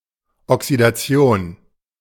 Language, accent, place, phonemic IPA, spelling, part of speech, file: German, Germany, Berlin, /ɔksidaˈt͡si̯oːn/, Oxidation, noun, De-Oxidation.ogg
- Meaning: oxidation, a reaction in which the atoms of an element lose electrons